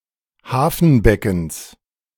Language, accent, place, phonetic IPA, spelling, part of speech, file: German, Germany, Berlin, [ˈhaːfn̩ˌbɛkn̩s], Hafenbeckens, noun, De-Hafenbeckens.ogg
- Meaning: genitive singular of Hafenbecken